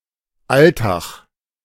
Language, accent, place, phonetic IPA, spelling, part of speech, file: German, Germany, Berlin, [ˈaltax], Altach, proper noun, De-Altach.ogg
- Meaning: a municipality of Vorarlberg, Austria